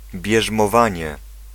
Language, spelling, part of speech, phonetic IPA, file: Polish, bierzmowanie, noun, [ˌbʲjɛʒmɔˈvãɲɛ], Pl-bierzmowanie.ogg